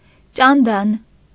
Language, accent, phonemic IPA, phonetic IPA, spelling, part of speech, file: Armenian, Eastern Armenian, /t͡ʃɑnˈdɑn/, [t͡ʃɑndɑ́n], ճանդան, noun, Hy-ճանդան.ogg
- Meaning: sandalwood (tree and wood)